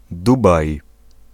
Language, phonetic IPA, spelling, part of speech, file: Polish, [ˈdubaj], Dubaj, proper noun, Pl-Dubaj.ogg